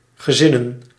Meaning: plural of gezin
- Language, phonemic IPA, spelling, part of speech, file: Dutch, /ɣəˈzɪnə(n)/, gezinnen, noun / verb, Nl-gezinnen.ogg